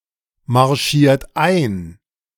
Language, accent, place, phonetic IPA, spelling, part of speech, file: German, Germany, Berlin, [maʁˌʃiːɐ̯t ˈaɪ̯n], marschiert ein, verb, De-marschiert ein.ogg
- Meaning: inflection of einmarschieren: 1. second-person plural present 2. third-person singular present 3. plural imperative